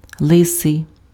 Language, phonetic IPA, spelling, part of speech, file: Ukrainian, [ˈɫɪsei̯], лисий, adjective, Uk-лисий.ogg
- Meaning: bald, bald-headed, hairless